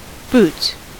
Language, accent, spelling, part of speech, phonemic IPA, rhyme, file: English, US, boots, noun / adverb / verb, /buts/, -uːts, En-us-boots.ogg
- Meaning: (noun) 1. plural of boot 2. A condom 3. A servant at a hotel etc. who cleans and blacks the boots and shoes 4. The ship in a fleet having the most junior captain